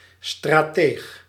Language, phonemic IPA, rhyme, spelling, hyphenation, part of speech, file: Dutch, /straːˈteːx/, -eːx, strateeg, stra‧teeg, noun, Nl-strateeg.ogg
- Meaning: strategist